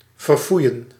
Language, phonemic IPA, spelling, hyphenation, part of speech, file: Dutch, /vərˈfui̯ə(n)/, verfoeien, ver‧foe‧ien, verb, Nl-verfoeien.ogg
- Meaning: to abhor (to feel hatred and disgust for)